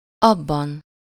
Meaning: inessive singular of az
- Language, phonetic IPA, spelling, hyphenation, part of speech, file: Hungarian, [ˈɒbːɒn], abban, ab‧ban, pronoun, Hu-abban.ogg